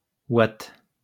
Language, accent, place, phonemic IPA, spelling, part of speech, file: French, France, Lyon, /wat/, oit, pronoun, LL-Q150 (fra)-oit.wav
- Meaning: 1. you (second-person singular personal pronoun, disjunctive) 2. yourself (reflexive object pronoun of imperative verbs)